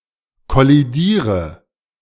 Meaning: inflection of kollidieren: 1. first-person singular present 2. singular imperative 3. first/third-person singular subjunctive I
- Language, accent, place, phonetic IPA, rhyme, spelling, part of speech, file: German, Germany, Berlin, [kɔliˈdiːʁə], -iːʁə, kollidiere, verb, De-kollidiere.ogg